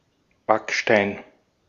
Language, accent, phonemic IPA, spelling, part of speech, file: German, Austria, /ˈbakˌʃtaɪ̯n/, Backstein, noun, De-at-Backstein.ogg
- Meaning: 1. brick (block made of burnt clay) 2. one of the lawbooks published with red covers by the C. H. Beck publisher and admitted for examinations